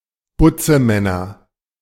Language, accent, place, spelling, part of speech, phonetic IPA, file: German, Germany, Berlin, Butzemänner, noun, [ˈbʊt͡səˌmɛnɐ], De-Butzemänner.ogg
- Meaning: nominative/accusative/genitive plural of Butzemann